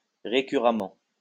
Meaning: recurrently
- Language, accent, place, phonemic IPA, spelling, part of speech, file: French, France, Lyon, /ʁe.ky.ʁa.mɑ̃/, récurremment, adverb, LL-Q150 (fra)-récurremment.wav